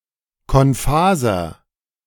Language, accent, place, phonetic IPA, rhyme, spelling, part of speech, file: German, Germany, Berlin, [kɔnˈfaːzɐ], -aːzɐ, konphaser, adjective, De-konphaser.ogg
- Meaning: inflection of konphas: 1. strong/mixed nominative masculine singular 2. strong genitive/dative feminine singular 3. strong genitive plural